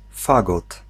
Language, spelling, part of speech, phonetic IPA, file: Polish, fagot, noun, [ˈfaɡɔt], Pl-fagot.ogg